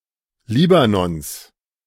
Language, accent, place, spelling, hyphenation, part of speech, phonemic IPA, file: German, Germany, Berlin, Libanons, Li‧ba‧nons, proper noun, /ˈliːbanɔns/, De-Libanons.ogg
- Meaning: genitive singular of Libanon